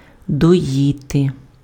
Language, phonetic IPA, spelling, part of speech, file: Ukrainian, [dɔˈjite], доїти, verb, Uk-доїти.ogg
- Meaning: to milk (to express milk from mammal)